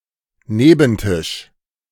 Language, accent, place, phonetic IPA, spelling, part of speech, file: German, Germany, Berlin, [ˈneːbn̩ˌtɪʃ], Nebentisch, noun, De-Nebentisch.ogg
- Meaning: 1. side table, occasional table, end table 2. next table, neighbouring table (in restaurant etc.)